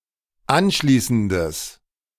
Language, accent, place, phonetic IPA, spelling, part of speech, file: German, Germany, Berlin, [ˈanˌʃliːsn̩dəs], anschließendes, adjective, De-anschließendes.ogg
- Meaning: strong/mixed nominative/accusative neuter singular of anschließend